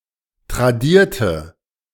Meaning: inflection of tradiert: 1. strong/mixed nominative/accusative feminine singular 2. strong nominative/accusative plural 3. weak nominative all-gender singular
- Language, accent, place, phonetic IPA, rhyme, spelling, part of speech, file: German, Germany, Berlin, [tʁaˈdiːɐ̯tə], -iːɐ̯tə, tradierte, adjective / verb, De-tradierte.ogg